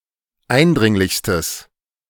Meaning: strong/mixed nominative/accusative neuter singular superlative degree of eindringlich
- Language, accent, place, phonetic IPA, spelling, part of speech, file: German, Germany, Berlin, [ˈaɪ̯nˌdʁɪŋlɪçstəs], eindringlichstes, adjective, De-eindringlichstes.ogg